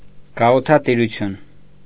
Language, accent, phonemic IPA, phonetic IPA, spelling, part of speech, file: Armenian, Eastern Armenian, /ɡɑʁutʰɑtiɾuˈtʰjun/, [ɡɑʁutʰɑtiɾut͡sʰjún], գաղութատիրություն, noun, Hy-գաղութատիրություն.ogg
- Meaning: colonialism